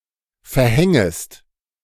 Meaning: second-person singular subjunctive I of verhängen
- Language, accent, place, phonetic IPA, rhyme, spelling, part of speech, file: German, Germany, Berlin, [fɛɐ̯ˈhɛŋəst], -ɛŋəst, verhängest, verb, De-verhängest.ogg